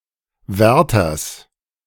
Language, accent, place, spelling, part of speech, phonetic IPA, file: German, Germany, Berlin, Wärters, noun, [ˈvɛʁtɐs], De-Wärters.ogg
- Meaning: genitive of Wärter